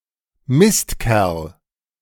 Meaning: bastard; swine; nasty guy
- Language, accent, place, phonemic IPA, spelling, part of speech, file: German, Germany, Berlin, /ˈmɪs(t)ˌkɛʁl/, Mistkerl, noun, De-Mistkerl.ogg